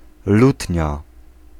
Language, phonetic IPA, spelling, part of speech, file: Polish, [ˈlutʲɲa], lutnia, noun, Pl-lutnia.ogg